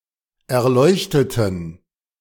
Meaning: inflection of erleuchtet: 1. strong genitive masculine/neuter singular 2. weak/mixed genitive/dative all-gender singular 3. strong/weak/mixed accusative masculine singular 4. strong dative plural
- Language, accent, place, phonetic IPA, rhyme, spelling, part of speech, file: German, Germany, Berlin, [ɛɐ̯ˈlɔɪ̯çtətn̩], -ɔɪ̯çtətn̩, erleuchteten, adjective / verb, De-erleuchteten.ogg